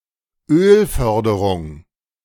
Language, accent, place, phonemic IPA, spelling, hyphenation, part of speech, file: German, Germany, Berlin, /ˈøːlˌfœʁdəʁʊŋ/, Ölförderung, Öl‧för‧de‧rung, noun, De-Ölförderung.ogg
- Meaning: oil production